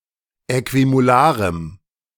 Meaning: strong dative masculine/neuter singular of äquimolar
- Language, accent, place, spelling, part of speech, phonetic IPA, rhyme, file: German, Germany, Berlin, äquimolarem, adjective, [ˌɛkvimoˈlaːʁəm], -aːʁəm, De-äquimolarem.ogg